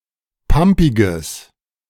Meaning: strong/mixed nominative/accusative neuter singular of pampig
- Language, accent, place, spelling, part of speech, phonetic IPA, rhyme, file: German, Germany, Berlin, pampiges, adjective, [ˈpampɪɡəs], -ampɪɡəs, De-pampiges.ogg